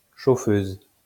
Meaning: 1. Female chauffeur 2. fireside chair
- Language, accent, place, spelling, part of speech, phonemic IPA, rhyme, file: French, France, Lyon, chauffeuse, noun, /ʃo.føz/, -øz, LL-Q150 (fra)-chauffeuse.wav